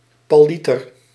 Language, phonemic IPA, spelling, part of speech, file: Dutch, /pɑˈlitər/, pallieter, noun, Nl-pallieter.ogg
- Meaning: bon vivant